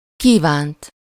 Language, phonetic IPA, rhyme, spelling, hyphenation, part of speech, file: Hungarian, [ˈkiːvaːnt], -aːnt, kívánt, kí‧vánt, verb, Hu-kívánt.ogg
- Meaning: 1. third-person singular past of kíván 2. past participle of kíván: desired, wanted, expected